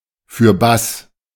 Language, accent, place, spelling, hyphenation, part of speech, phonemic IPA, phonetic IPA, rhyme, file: German, Germany, Berlin, fürbass, für‧bass, adverb, /fyːrˈbas/, [fy(ː)ɐ̯ˈbas], -as, De-fürbass.ogg
- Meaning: on, onwards, forwards, past